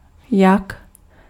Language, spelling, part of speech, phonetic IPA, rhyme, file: Czech, jak, adverb / conjunction / noun, [ˈjak], -ak, Cs-jak.ogg
- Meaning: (adverb) how; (conjunction) as; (noun) yak (mammal)